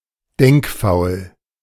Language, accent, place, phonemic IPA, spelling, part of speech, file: German, Germany, Berlin, /ˈdɛŋkˌfaʊ̯l/, denkfaul, adjective, De-denkfaul.ogg
- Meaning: mentally lazy; too lazy to think (postpos.) (zu faul zum Denken)